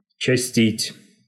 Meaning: 1. to do something rapidly/hurriedly 2. to visit someone frequently, to see much of someone
- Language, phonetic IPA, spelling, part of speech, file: Russian, [t͡ɕɪˈsʲtʲitʲ], частить, verb, Ru-частить.ogg